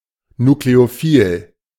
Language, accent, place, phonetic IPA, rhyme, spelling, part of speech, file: German, Germany, Berlin, [nukleoˈfiːl], -iːl, nukleophil, adjective, De-nukleophil.ogg
- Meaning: nucleophilic